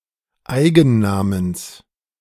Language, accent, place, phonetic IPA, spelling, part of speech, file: German, Germany, Berlin, [ˈaɪ̯ɡn̩ˌnaːməns], Eigennamens, noun, De-Eigennamens.ogg
- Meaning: genitive singular of Eigenname